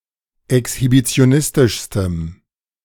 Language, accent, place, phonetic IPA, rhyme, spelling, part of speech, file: German, Germany, Berlin, [ɛkshibit͡si̯oˈnɪstɪʃstəm], -ɪstɪʃstəm, exhibitionistischstem, adjective, De-exhibitionistischstem.ogg
- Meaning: strong dative masculine/neuter singular superlative degree of exhibitionistisch